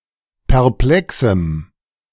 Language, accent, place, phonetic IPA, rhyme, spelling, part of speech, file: German, Germany, Berlin, [pɛʁˈplɛksm̩], -ɛksm̩, perplexem, adjective, De-perplexem.ogg
- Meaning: strong dative masculine/neuter singular of perplex